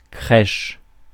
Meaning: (noun) 1. crèche (the Nativity scene) 2. crèche (day nursery); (verb) inflection of crécher: 1. first/third-person singular present indicative/subjunctive 2. second-person singular imperative
- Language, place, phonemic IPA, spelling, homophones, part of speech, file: French, Paris, /kʁɛʃ/, crèche, crèchent / crèches, noun / verb, Fr-crèche.ogg